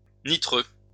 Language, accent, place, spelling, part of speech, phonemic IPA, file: French, France, Lyon, nitreux, adjective, /ni.tʁø/, LL-Q150 (fra)-nitreux.wav
- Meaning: nitrous